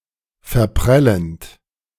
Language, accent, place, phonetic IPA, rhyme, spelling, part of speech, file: German, Germany, Berlin, [fɛɐ̯ˈpʁɛlənt], -ɛlənt, verprellend, verb, De-verprellend.ogg
- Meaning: present participle of verprellen